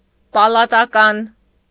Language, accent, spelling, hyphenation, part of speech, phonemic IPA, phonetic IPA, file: Armenian, Eastern Armenian, պալատական, պա‧լա‧տա‧կան, adjective / noun, /pɑlɑtɑˈkɑn/, [pɑlɑtɑkɑ́n], Hy-պալատական.ogg
- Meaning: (adjective) palatial (of or relating to a palace); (noun) a resident of a palace or an official residing in a palace, courtier